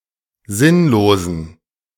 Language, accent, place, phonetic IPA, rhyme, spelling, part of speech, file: German, Germany, Berlin, [ˈzɪnloːzn̩], -ɪnloːzn̩, sinnlosen, adjective, De-sinnlosen.ogg
- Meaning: inflection of sinnlos: 1. strong genitive masculine/neuter singular 2. weak/mixed genitive/dative all-gender singular 3. strong/weak/mixed accusative masculine singular 4. strong dative plural